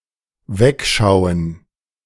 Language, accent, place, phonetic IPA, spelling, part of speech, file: German, Germany, Berlin, [ˈvɛkʃaʊ̯ən], wegschauen, verb, De-wegschauen.ogg
- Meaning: 1. to look away (to not look at something by turning one's head or averting one's gaze) 2. to look the other way, to turn a blind eye (to try and be, or pretend to be, ignorant of a matter)